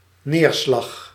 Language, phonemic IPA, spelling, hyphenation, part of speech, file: Dutch, /ˈneːr.slɑx/, neerslag, neer‧slag, noun, Nl-neerslag.ogg
- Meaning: 1. rainfall, precipitation 2. fallout 3. result, outcome, elaboration